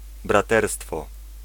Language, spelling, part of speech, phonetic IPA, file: Polish, braterstwo, noun, [braˈtɛrstfɔ], Pl-braterstwo.ogg